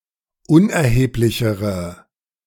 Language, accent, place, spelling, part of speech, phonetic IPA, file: German, Germany, Berlin, unerheblichere, adjective, [ˈʊnʔɛɐ̯heːplɪçəʁə], De-unerheblichere.ogg
- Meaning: inflection of unerheblich: 1. strong/mixed nominative/accusative feminine singular comparative degree 2. strong nominative/accusative plural comparative degree